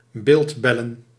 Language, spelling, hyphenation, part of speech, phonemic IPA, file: Dutch, beeldbellen, beeld‧bel‧len, verb, /ˈbeːltˌbɛ.lə(n)/, Nl-beeldbellen.ogg
- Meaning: to video call